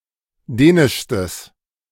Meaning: strong/mixed nominative/accusative neuter singular superlative degree of dänisch
- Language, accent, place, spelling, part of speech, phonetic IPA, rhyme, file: German, Germany, Berlin, dänischstes, adjective, [ˈdɛːnɪʃstəs], -ɛːnɪʃstəs, De-dänischstes.ogg